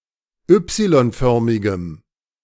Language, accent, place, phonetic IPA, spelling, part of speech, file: German, Germany, Berlin, [ˈʏpsilɔnˌfœʁmɪɡəm], Y-förmigem, adjective, De-Y-förmigem.ogg
- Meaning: strong dative masculine/neuter singular of Y-förmig